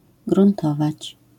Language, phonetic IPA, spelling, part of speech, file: Polish, [ɡrũnˈtɔvat͡ɕ], gruntować, verb, LL-Q809 (pol)-gruntować.wav